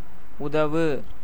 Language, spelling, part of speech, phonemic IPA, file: Tamil, உதவு, verb, /ʊd̪ɐʋɯ/, Ta-உதவு.ogg
- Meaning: 1. to help, aid, assist 2. to be of help, useful 3. to donate, give, provide